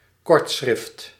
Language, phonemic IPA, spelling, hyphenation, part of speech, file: Dutch, /ˈkɔrt.sxrɪft/, kortschrift, kort‧schrift, noun, Nl-kortschrift.ogg
- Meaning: shorthand, stenography